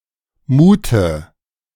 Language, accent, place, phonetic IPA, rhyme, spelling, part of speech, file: German, Germany, Berlin, [ˈmuːtə], -uːtə, Mute, noun, De-Mute.ogg
- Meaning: alternative form for the dative singular of Mut